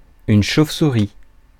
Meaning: 1. bat (a small flying mammal of the order Chiroptera) 2. a charge depicting the animal of the same name
- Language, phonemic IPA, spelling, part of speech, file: French, /ʃov.su.ʁi/, chauve-souris, noun, Fr-chauve-souris.ogg